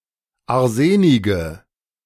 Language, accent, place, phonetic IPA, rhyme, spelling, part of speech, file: German, Germany, Berlin, [aʁˈzeːnɪɡə], -eːnɪɡə, arsenige, adjective, De-arsenige.ogg
- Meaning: inflection of arsenig: 1. strong/mixed nominative/accusative feminine singular 2. strong nominative/accusative plural 3. weak nominative all-gender singular 4. weak accusative feminine/neuter singular